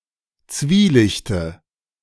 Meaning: dative of Zwielicht
- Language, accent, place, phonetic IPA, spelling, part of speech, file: German, Germany, Berlin, [ˈt͡sviːˌlɪçtə], Zwielichte, noun, De-Zwielichte.ogg